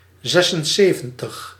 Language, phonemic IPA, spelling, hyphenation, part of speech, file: Dutch, /ˈzɛsənˌseːvə(n)təx/, zesenzeventig, zes‧en‧ze‧ven‧tig, numeral, Nl-zesenzeventig.ogg
- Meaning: seventy-six